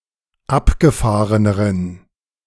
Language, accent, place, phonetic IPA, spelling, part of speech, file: German, Germany, Berlin, [ˈapɡəˌfaːʁənəʁən], abgefahreneren, adjective, De-abgefahreneren.ogg
- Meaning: inflection of abgefahren: 1. strong genitive masculine/neuter singular comparative degree 2. weak/mixed genitive/dative all-gender singular comparative degree